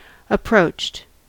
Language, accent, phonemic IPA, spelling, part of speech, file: English, US, /əˈpɹoʊt͡ʃt/, approached, verb, En-us-approached.ogg
- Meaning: simple past and past participle of approach